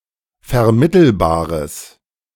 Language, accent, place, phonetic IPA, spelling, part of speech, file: German, Germany, Berlin, [fɛɐ̯ˈmɪtl̩baːʁəs], vermittelbares, adjective, De-vermittelbares.ogg
- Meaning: strong/mixed nominative/accusative neuter singular of vermittelbar